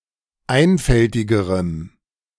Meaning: strong dative masculine/neuter singular comparative degree of einfältig
- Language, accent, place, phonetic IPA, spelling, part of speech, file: German, Germany, Berlin, [ˈaɪ̯nfɛltɪɡəʁəm], einfältigerem, adjective, De-einfältigerem.ogg